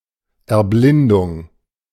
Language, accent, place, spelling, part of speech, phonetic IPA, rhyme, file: German, Germany, Berlin, Erblindung, noun, [ɛɐ̯ˈblɪndʊŋ], -ɪndʊŋ, De-Erblindung.ogg
- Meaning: blinding